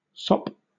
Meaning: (noun) 1. Something entirely soaked 2. A piece of solid food to be soaked in liquid food 3. Ellipsis of sop to Cerberus, something given or done to pacify or bribe
- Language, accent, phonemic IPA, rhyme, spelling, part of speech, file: English, Southern England, /sɒp/, -ɒp, sop, noun / verb, LL-Q1860 (eng)-sop.wav